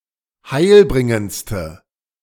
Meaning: inflection of heilbringend: 1. strong/mixed nominative/accusative feminine singular superlative degree 2. strong nominative/accusative plural superlative degree
- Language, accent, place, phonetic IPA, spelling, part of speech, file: German, Germany, Berlin, [ˈhaɪ̯lˌbʁɪŋənt͡stə], heilbringendste, adjective, De-heilbringendste.ogg